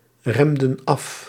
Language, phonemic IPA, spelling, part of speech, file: Dutch, /ˈrɛmdə(n) ˈɑf/, remden af, verb, Nl-remden af.ogg
- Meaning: inflection of afremmen: 1. plural past indicative 2. plural past subjunctive